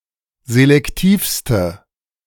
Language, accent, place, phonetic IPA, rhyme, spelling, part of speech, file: German, Germany, Berlin, [zelɛkˈtiːfstə], -iːfstə, selektivste, adjective, De-selektivste.ogg
- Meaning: inflection of selektiv: 1. strong/mixed nominative/accusative feminine singular superlative degree 2. strong nominative/accusative plural superlative degree